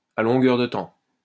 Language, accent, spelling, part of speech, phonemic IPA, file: French, France, à longueur de temps, adverb, /a lɔ̃.ɡœʁ də tɑ̃/, LL-Q150 (fra)-à longueur de temps.wav
- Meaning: all the time, continually